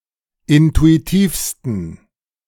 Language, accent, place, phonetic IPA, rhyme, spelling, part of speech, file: German, Germany, Berlin, [ˌɪntuiˈtiːfstn̩], -iːfstn̩, intuitivsten, adjective, De-intuitivsten.ogg
- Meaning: 1. superlative degree of intuitiv 2. inflection of intuitiv: strong genitive masculine/neuter singular superlative degree